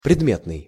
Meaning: 1. subject 2. object 3. material, physical
- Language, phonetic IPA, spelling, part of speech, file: Russian, [prʲɪdˈmʲetnɨj], предметный, adjective, Ru-предметный.ogg